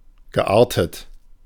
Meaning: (adjective) natured; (verb) past participle of arten
- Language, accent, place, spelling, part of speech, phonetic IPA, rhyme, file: German, Germany, Berlin, geartet, adjective / verb, [ɡəˈʔaːɐ̯tət], -aːɐ̯tət, De-geartet.ogg